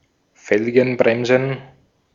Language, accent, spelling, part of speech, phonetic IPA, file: German, Austria, Felgenbremsen, noun, [ˈfɛlɡənˌbʁɛmzn̩], De-at-Felgenbremsen.ogg
- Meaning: plural of Felgenbremse